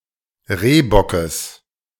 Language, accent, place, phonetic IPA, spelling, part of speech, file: German, Germany, Berlin, [ˈʁeːbɔkəs], Rehbockes, noun, De-Rehbockes.ogg
- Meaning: genitive singular of Rehbock